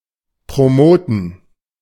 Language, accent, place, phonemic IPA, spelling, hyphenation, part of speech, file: German, Germany, Berlin, /pʁoˈmɔʊ̯tn̩/, promoten, pro‧mo‧ten, verb, De-promoten.ogg
- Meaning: to promote